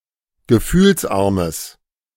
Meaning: strong/mixed nominative/accusative neuter singular of gefühlsarm
- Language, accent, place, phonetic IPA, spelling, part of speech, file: German, Germany, Berlin, [ɡəˈfyːlsˌʔaʁməs], gefühlsarmes, adjective, De-gefühlsarmes.ogg